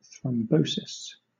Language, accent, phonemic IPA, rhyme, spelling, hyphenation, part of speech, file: English, Southern England, /θɹɒmˈbəʊsɪs/, -əʊsɪs, thrombosis, throm‧bo‧sis, noun, LL-Q1860 (eng)-thrombosis.wav
- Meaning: The formation of thrombi in the blood vessels of a living organism, causing obstruction of the circulation